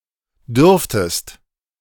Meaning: second-person singular subjunctive II of dürfen
- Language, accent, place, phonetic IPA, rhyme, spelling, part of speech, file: German, Germany, Berlin, [ˈdʏʁftəst], -ʏʁftəst, dürftest, verb, De-dürftest.ogg